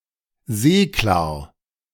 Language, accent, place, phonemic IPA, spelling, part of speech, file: German, Germany, Berlin, /ˈzeːklaːɐ̯/, seeklar, adjective, De-seeklar.ogg
- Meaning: seaworthy and ready to put to sea